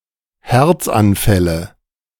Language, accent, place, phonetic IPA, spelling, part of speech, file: German, Germany, Berlin, [ˈhɛʁt͡sanˌfɛlə], Herzanfälle, noun, De-Herzanfälle.ogg
- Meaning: nominative/accusative/genitive plural of Herzanfall